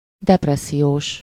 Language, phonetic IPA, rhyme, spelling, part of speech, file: Hungarian, [ˈdɛprɛsːijoːʃ], -oːʃ, depressziós, adjective, Hu-depressziós.ogg
- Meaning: depressed